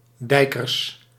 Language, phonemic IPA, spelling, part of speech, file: Dutch, /ˈdɛikərs/, dijkers, noun, Nl-dijkers.ogg
- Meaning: plural of dijker